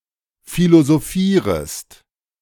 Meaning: second-person singular subjunctive I of philosophieren
- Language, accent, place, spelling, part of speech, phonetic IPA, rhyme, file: German, Germany, Berlin, philosophierest, verb, [ˌfilozoˈfiːʁəst], -iːʁəst, De-philosophierest.ogg